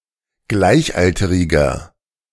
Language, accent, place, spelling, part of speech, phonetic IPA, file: German, Germany, Berlin, gleichalteriger, adjective, [ˈɡlaɪ̯çˌʔaltəʁɪɡɐ], De-gleichalteriger.ogg
- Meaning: inflection of gleichalterig: 1. strong/mixed nominative masculine singular 2. strong genitive/dative feminine singular 3. strong genitive plural